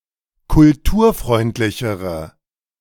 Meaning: inflection of kulturfreundlich: 1. strong/mixed nominative/accusative feminine singular comparative degree 2. strong nominative/accusative plural comparative degree
- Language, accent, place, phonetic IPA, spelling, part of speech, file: German, Germany, Berlin, [kʊlˈtuːɐ̯ˌfʁɔɪ̯ntlɪçəʁə], kulturfreundlichere, adjective, De-kulturfreundlichere.ogg